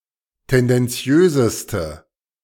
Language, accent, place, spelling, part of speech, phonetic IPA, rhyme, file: German, Germany, Berlin, tendenziöseste, adjective, [ˌtɛndɛnˈt͡si̯øːzəstə], -øːzəstə, De-tendenziöseste.ogg
- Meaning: inflection of tendenziös: 1. strong/mixed nominative/accusative feminine singular superlative degree 2. strong nominative/accusative plural superlative degree